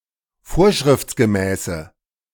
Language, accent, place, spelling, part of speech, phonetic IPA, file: German, Germany, Berlin, vorschriftsgemäße, adjective, [ˈfoːɐ̯ʃʁɪft͡sɡəˌmɛːsə], De-vorschriftsgemäße.ogg
- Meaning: inflection of vorschriftsgemäß: 1. strong/mixed nominative/accusative feminine singular 2. strong nominative/accusative plural 3. weak nominative all-gender singular